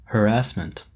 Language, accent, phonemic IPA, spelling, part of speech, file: English, US, /həˈɹæsmənt/, harassment, noun, En-us-harassment.oga
- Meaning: 1. Persistent attacks and criticism causing worry and distress 2. Deliberate pestering or intimidation 3. The use of repeated small-scale attacks to wear down an enemy force